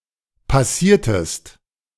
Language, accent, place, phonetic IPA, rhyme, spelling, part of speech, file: German, Germany, Berlin, [paˈsiːɐ̯təst], -iːɐ̯təst, passiertest, verb, De-passiertest.ogg
- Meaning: inflection of passieren: 1. second-person singular preterite 2. second-person singular subjunctive II